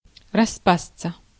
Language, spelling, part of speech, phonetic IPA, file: Russian, распасться, verb, [rɐˈspast͡sə], Ru-распасться.ogg
- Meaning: 1. to disintegrate, to fall apart, to fall to pieces, to come apart, to come asunder 2. to break up (into) 3. to dissociate 4. to break up, to collapse